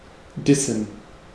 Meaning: to diss (to put someone down or show verbal disrespect)
- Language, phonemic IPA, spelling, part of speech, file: German, /ˈdɪsən/, dissen, verb, De-dissen.ogg